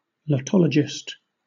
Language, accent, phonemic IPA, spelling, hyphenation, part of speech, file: English, Southern England, /ləˈtɒləd͡ʒɪst/, lotologist, lot‧o‧log‧ist, noun, LL-Q1860 (eng)-lotologist.wav
- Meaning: A person who collects lottery tickets as a hobby